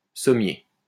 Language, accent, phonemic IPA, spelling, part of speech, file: French, France, /sɔ.mje/, sommier, adjective / noun, LL-Q150 (fra)-sommier.wav
- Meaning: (adjective) of Somme (department of France); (noun) 1. beast of burden 2. box spring (box-shaped frame into which is a set of spiral springs, upon which rests a bed mattress) 3. springer